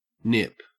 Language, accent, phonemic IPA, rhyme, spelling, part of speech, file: English, Australia, /nɪp/, -ɪp, Nip, noun / adjective, En-au-Nip.ogg
- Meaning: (noun) A Japanese person; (adjective) Japanese